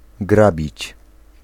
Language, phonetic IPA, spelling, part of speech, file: Polish, [ˈɡrabʲit͡ɕ], grabić, verb, Pl-grabić.ogg